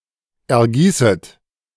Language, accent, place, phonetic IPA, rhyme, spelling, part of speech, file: German, Germany, Berlin, [ɛɐ̯ˈɡiːsət], -iːsət, ergießet, verb, De-ergießet.ogg
- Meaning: second-person plural subjunctive I of ergießen